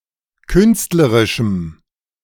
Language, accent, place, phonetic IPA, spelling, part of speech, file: German, Germany, Berlin, [ˈkʏnstləʁɪʃm̩], künstlerischem, adjective, De-künstlerischem.ogg
- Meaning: strong dative masculine/neuter singular of künstlerisch